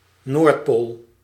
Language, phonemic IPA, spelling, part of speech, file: Dutch, /nortˈpol/, Noordpool, proper noun, Nl-Noordpool.ogg
- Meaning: North Pole